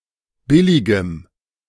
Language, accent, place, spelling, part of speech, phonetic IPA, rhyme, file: German, Germany, Berlin, billigem, adjective, [ˈbɪlɪɡəm], -ɪlɪɡəm, De-billigem.ogg
- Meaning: strong dative masculine/neuter singular of billig